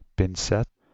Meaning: a pair of tweezers, small (usually metal) pincers, used for handling small objects and in medicine
- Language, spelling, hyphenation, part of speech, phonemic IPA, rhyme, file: Dutch, pincet, pin‧cet, noun, /pɪnˈsɛt/, -ɛt, Nl-pincet.ogg